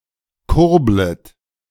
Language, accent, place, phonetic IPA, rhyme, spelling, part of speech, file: German, Germany, Berlin, [ˈkʊʁblət], -ʊʁblət, kurblet, verb, De-kurblet.ogg
- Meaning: second-person plural subjunctive I of kurbeln